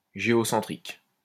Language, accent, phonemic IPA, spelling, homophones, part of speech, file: French, France, /ʒe.ɔ.sɑ̃.tʁik/, géocentrique, géocentriques, adjective, LL-Q150 (fra)-géocentrique.wav
- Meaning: geocentric